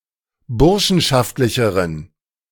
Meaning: inflection of burschenschaftlich: 1. strong genitive masculine/neuter singular comparative degree 2. weak/mixed genitive/dative all-gender singular comparative degree
- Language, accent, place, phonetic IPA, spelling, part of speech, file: German, Germany, Berlin, [ˈbʊʁʃn̩ʃaftlɪçəʁən], burschenschaftlicheren, adjective, De-burschenschaftlicheren.ogg